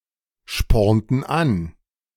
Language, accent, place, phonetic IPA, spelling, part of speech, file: German, Germany, Berlin, [ˌʃpɔʁntn̩ ˈan], spornten an, verb, De-spornten an.ogg
- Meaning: inflection of anspornen: 1. first/third-person plural preterite 2. first/third-person plural subjunctive II